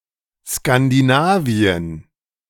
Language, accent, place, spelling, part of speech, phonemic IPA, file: German, Germany, Berlin, Skandinavien, proper noun, /skandiˈnaːviən/, De-Skandinavien.ogg
- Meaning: Scandinavia (a geographic region of Northern Europe, consisting of Denmark, Norway, and Sweden collectively and sometimes Finland, Iceland, Åland and the Faroe Islands)